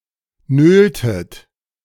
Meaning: inflection of nölen: 1. second-person plural preterite 2. second-person plural subjunctive II
- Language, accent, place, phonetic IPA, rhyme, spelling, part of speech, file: German, Germany, Berlin, [ˈnøːltət], -øːltət, nöltet, verb, De-nöltet.ogg